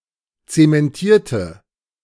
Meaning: inflection of zementieren: 1. first/third-person singular preterite 2. first/third-person singular subjunctive II
- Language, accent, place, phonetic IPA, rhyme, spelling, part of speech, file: German, Germany, Berlin, [ˌt͡semɛnˈtiːɐ̯tə], -iːɐ̯tə, zementierte, adjective / verb, De-zementierte.ogg